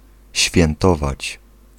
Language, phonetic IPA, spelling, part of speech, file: Polish, [ɕfʲjɛ̃nˈtɔvat͡ɕ], świętować, verb, Pl-świętować.ogg